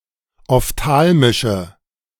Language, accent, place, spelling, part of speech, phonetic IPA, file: German, Germany, Berlin, ophthalmische, adjective, [ɔfˈtaːlmɪʃə], De-ophthalmische.ogg
- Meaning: inflection of ophthalmisch: 1. strong/mixed nominative/accusative feminine singular 2. strong nominative/accusative plural 3. weak nominative all-gender singular